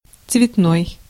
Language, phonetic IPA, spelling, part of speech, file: Russian, [t͡svʲɪtˈnoj], цветной, adjective / noun, Ru-цветной.ogg
- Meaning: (adjective) 1. color/colour, colored/coloured (as contrasted with black-and-white) 2. colorful/colourful 3. non-ferrous; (noun) 1. a non-European, a colored/coloured person 2. a mixed-race person